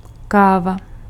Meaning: coffee
- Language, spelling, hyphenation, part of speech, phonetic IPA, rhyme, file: Czech, káva, ká‧va, noun, [ˈkaːva], -aːva, Cs-káva.ogg